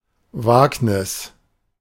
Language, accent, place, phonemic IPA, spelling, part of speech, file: German, Germany, Berlin, /ˈvaːknɪs/, Wagnis, noun, De-Wagnis.ogg
- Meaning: risky adventure